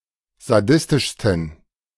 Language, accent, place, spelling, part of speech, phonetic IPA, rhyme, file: German, Germany, Berlin, sadistischsten, adjective, [zaˈdɪstɪʃstn̩], -ɪstɪʃstn̩, De-sadistischsten.ogg
- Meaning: 1. superlative degree of sadistisch 2. inflection of sadistisch: strong genitive masculine/neuter singular superlative degree